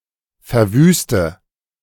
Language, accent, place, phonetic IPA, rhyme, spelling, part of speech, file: German, Germany, Berlin, [fɛɐ̯ˈvyːstə], -yːstə, verwüste, verb, De-verwüste.ogg
- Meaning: inflection of verwüsten: 1. first-person singular present 2. singular imperative 3. first/third-person singular subjunctive I